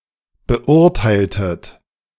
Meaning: inflection of beurteilen: 1. second-person plural preterite 2. second-person plural subjunctive II
- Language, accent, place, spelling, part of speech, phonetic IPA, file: German, Germany, Berlin, beurteiltet, verb, [bəˈʔʊʁtaɪ̯ltət], De-beurteiltet.ogg